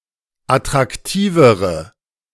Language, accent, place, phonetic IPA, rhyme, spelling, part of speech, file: German, Germany, Berlin, [atʁakˈtiːvəʁə], -iːvəʁə, attraktivere, adjective, De-attraktivere.ogg
- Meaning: inflection of attraktiv: 1. strong/mixed nominative/accusative feminine singular comparative degree 2. strong nominative/accusative plural comparative degree